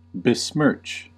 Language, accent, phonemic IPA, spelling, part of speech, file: English, US, /bɪˈsmɝːt͡ʃ/, besmirch, verb, En-us-besmirch.ogg
- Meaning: 1. To make dirty 2. To tarnish something, especially someone's reputation